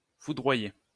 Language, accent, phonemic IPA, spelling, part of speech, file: French, France, /fu.dʁwa.je/, foudroyer, verb, LL-Q150 (fra)-foudroyer.wav
- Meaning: 1. to strike (of lightning) 2. to devastate; to cause to be thunderstruck